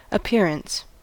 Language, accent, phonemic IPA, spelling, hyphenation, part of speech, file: English, US, /əˈpiɹ.əns/, appearance, ap‧pear‧ance, noun, En-us-appearance.ogg
- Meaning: 1. The act of appearing or coming into sight; the act of becoming visible to the eye 2. A thing seen; a phenomenon; an apparition 3. The way something looks; personal presence